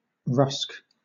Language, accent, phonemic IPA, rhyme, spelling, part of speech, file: English, Southern England, /ɹʌsk/, -ʌsk, rusk, noun, LL-Q1860 (eng)-rusk.wav
- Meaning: 1. A rectangular, hard, dry biscuit 2. A twice-baked bread, slices of bread baked until they are hard and crisp; zwieback 3. A weaning food for children